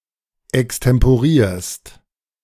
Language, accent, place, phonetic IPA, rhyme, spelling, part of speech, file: German, Germany, Berlin, [ɛkstɛmpoˈʁiːɐ̯st], -iːɐ̯st, extemporierst, verb, De-extemporierst.ogg
- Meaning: second-person singular present of extemporieren